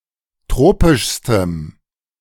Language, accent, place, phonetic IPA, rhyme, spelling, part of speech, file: German, Germany, Berlin, [ˈtʁoːpɪʃstəm], -oːpɪʃstəm, tropischstem, adjective, De-tropischstem.ogg
- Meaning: strong dative masculine/neuter singular superlative degree of tropisch